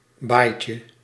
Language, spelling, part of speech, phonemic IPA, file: Dutch, baaitje, noun, /ˈbajcə/, Nl-baaitje.ogg
- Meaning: diminutive of baai